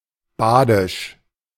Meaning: of Baden
- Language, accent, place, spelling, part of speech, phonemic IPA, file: German, Germany, Berlin, badisch, adjective, /ˈbaːdɪʃ/, De-badisch.ogg